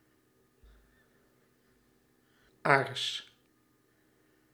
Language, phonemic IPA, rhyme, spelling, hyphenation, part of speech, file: Dutch, /aːrs/, -aːrs, aars, aars, noun, Nl-aars.ogg
- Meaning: 1. anus, arse(hole), rectum 2. butt 3. shit